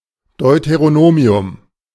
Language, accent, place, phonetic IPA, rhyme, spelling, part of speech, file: German, Germany, Berlin, [dɔɪ̯teʁoˈnoːmi̯ʊm], -oːmi̯ʊm, Deuteronomium, noun, De-Deuteronomium.ogg
- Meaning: Deuteronomy (book of the Bible)